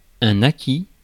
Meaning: third-person singular past historic of acquérir
- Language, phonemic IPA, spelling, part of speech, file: French, /a.ki/, acquit, verb, Fr-acquit.ogg